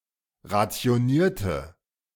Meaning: inflection of rationieren: 1. first/third-person singular preterite 2. first/third-person singular subjunctive II
- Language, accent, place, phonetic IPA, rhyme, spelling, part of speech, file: German, Germany, Berlin, [ʁat͡si̯oˈniːɐ̯tə], -iːɐ̯tə, rationierte, adjective / verb, De-rationierte.ogg